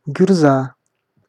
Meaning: blunt-nosed viper (Macrovipera lebetina)
- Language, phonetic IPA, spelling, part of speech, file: Russian, [ɡʲʊrˈza], гюрза, noun, Ru-гюрза.ogg